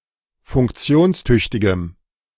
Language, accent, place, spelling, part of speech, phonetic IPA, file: German, Germany, Berlin, funktionstüchtigem, adjective, [fʊŋkˈt͡si̯oːnsˌtʏçtɪɡəm], De-funktionstüchtigem.ogg
- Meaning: strong dative masculine/neuter singular of funktionstüchtig